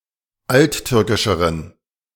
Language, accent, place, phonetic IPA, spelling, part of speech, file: German, Germany, Berlin, [ˈaltˌtʏʁkɪʃəʁən], alttürkischeren, adjective, De-alttürkischeren.ogg
- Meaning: inflection of alttürkisch: 1. strong genitive masculine/neuter singular comparative degree 2. weak/mixed genitive/dative all-gender singular comparative degree